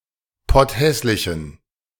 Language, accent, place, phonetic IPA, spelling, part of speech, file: German, Germany, Berlin, [ˈpɔtˌhɛslɪçn̩], potthässlichen, adjective, De-potthässlichen.ogg
- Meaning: inflection of potthässlich: 1. strong genitive masculine/neuter singular 2. weak/mixed genitive/dative all-gender singular 3. strong/weak/mixed accusative masculine singular 4. strong dative plural